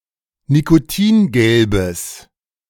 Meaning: strong/mixed nominative/accusative neuter singular of nikotingelb
- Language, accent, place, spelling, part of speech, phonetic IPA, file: German, Germany, Berlin, nikotingelbes, adjective, [nikoˈtiːnˌɡɛlbəs], De-nikotingelbes.ogg